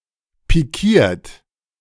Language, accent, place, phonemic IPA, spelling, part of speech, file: German, Germany, Berlin, /piˈkiːɐ̯t/, pikiert, verb / adjective, De-pikiert.ogg
- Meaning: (verb) past participle of pikieren; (adjective) piqued, vexed (mildly annoyed)